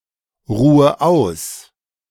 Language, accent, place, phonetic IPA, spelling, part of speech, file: German, Germany, Berlin, [ˌʁuːə ˈaʊ̯s], ruhe aus, verb, De-ruhe aus.ogg
- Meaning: inflection of ausruhen: 1. first-person singular present 2. first/third-person singular subjunctive I 3. singular imperative